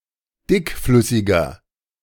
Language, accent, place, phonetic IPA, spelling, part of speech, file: German, Germany, Berlin, [ˈdɪkˌflʏsɪɡɐ], dickflüssiger, adjective, De-dickflüssiger.ogg
- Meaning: 1. comparative degree of dickflüssig 2. inflection of dickflüssig: strong/mixed nominative masculine singular 3. inflection of dickflüssig: strong genitive/dative feminine singular